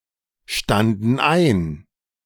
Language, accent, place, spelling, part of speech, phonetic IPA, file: German, Germany, Berlin, standen ein, verb, [ˌʃtandn̩ ˈaɪ̯n], De-standen ein.ogg
- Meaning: first/third-person plural preterite of einstehen